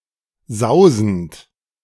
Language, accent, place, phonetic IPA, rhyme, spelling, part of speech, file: German, Germany, Berlin, [ˈzaʊ̯zn̩t], -aʊ̯zn̩t, sausend, verb, De-sausend.ogg
- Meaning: present participle of sausen